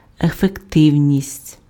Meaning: 1. effectiveness, efficaciousness, efficacy 2. efficiency
- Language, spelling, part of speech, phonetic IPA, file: Ukrainian, ефективність, noun, [efekˈtɪu̯nʲisʲtʲ], Uk-ефективність.ogg